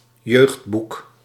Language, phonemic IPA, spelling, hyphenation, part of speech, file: Dutch, /ˈjøɡdbuk/, jeugdboek, jeugd‧boek, noun, Nl-jeugdboek.ogg
- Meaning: a book written for youngsters